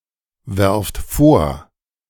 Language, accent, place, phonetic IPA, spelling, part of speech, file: German, Germany, Berlin, [ˌvɛʁft ˈfoːɐ̯], werft vor, verb, De-werft vor.ogg
- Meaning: inflection of vorwerfen: 1. second-person plural present 2. plural imperative